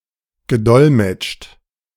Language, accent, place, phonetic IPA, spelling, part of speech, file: German, Germany, Berlin, [ɡəˈdɔlmɛt͡ʃt], gedolmetscht, verb, De-gedolmetscht.ogg
- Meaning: past participle of dolmetschen